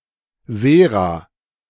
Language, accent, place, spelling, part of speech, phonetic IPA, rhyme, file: German, Germany, Berlin, Sera, noun, [ˈzeːʁa], -eːʁa, De-Sera.ogg
- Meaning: plural of Serum